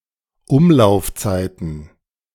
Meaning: plural of Umlaufzeit
- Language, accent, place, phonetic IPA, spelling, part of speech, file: German, Germany, Berlin, [ˈʊmlaʊ̯fˌt͡saɪ̯tn̩], Umlaufzeiten, noun, De-Umlaufzeiten.ogg